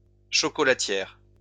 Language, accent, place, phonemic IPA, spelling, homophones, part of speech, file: French, France, Lyon, /ʃɔ.kɔ.la.tjɛʁ/, chocolatière, chocolatières, adjective / noun, LL-Q150 (fra)-chocolatière.wav
- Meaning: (adjective) feminine singular of chocolatier; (noun) female equivalent of chocolatier